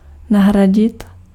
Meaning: to replace, to substitute
- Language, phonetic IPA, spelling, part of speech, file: Czech, [ˈnaɦraɟɪt], nahradit, verb, Cs-nahradit.ogg